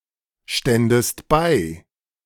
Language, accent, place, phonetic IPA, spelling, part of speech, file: German, Germany, Berlin, [ˌʃtɛndəst ˈbaɪ̯], ständest bei, verb, De-ständest bei.ogg
- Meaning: second-person singular subjunctive II of beistehen